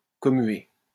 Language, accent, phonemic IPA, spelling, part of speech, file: French, France, /kɔ.mɥe/, commuer, verb, LL-Q150 (fra)-commuer.wav
- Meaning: to commute (a sentence)